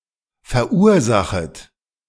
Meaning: second-person plural subjunctive I of verursachen
- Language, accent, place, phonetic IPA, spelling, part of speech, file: German, Germany, Berlin, [fɛɐ̯ˈʔuːɐ̯ˌzaxət], verursachet, verb, De-verursachet.ogg